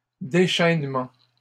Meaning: plural of déchainement
- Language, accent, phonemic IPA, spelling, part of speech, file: French, Canada, /de.ʃɛn.mɑ̃/, déchainements, noun, LL-Q150 (fra)-déchainements.wav